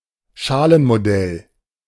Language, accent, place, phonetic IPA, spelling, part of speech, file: German, Germany, Berlin, [ˈʃaːlənmoˌdɛl], Schalenmodell, noun, De-Schalenmodell.ogg
- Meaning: shell model (of atomic structure)